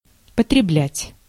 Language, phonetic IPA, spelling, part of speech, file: Russian, [pətrʲɪˈblʲætʲ], потреблять, verb, Ru-потреблять.ogg
- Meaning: to consume, to use